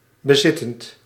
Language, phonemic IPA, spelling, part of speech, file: Dutch, /bəˈzɪtənt/, bezittend, verb, Nl-bezittend.ogg
- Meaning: present participle of bezitten